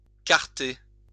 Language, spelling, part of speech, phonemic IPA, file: French, carter, verb, /kaʁ.te/, LL-Q150 (fra)-carter.wav
- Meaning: to verify a person's age etc by inspecting his identity card